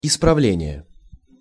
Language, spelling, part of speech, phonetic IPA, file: Russian, исправление, noun, [ɪsprɐˈvlʲenʲɪje], Ru-исправление.ogg
- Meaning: correction, improvement, reform (act of correcting or a substitution for an error or mistake)